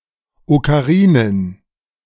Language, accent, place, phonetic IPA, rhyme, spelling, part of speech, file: German, Germany, Berlin, [okaˈʁiːnən], -iːnən, Okarinen, noun, De-Okarinen.ogg
- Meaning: plural of Okarina